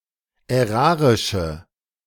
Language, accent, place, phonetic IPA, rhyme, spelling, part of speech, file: German, Germany, Berlin, [ɛˈʁaːʁɪʃə], -aːʁɪʃə, ärarische, adjective, De-ärarische.ogg
- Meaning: inflection of ärarisch: 1. strong/mixed nominative/accusative feminine singular 2. strong nominative/accusative plural 3. weak nominative all-gender singular